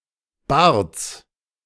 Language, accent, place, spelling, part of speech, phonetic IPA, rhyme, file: German, Germany, Berlin, Barts, noun, [baːɐ̯t͡s], -aːɐ̯t͡s, De-Barts.ogg
- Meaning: genitive singular of Bart